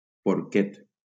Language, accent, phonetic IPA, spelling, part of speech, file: Catalan, Valencia, [poɾˈket], porquet, noun, LL-Q7026 (cat)-porquet.wav
- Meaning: 1. piglet 2. the fish Symphodus cinereus